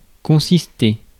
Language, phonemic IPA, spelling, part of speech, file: French, /kɔ̃.sis.te/, consister, verb, Fr-consister.ogg
- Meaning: 1. to consist (of/in) 2. to entail, to involve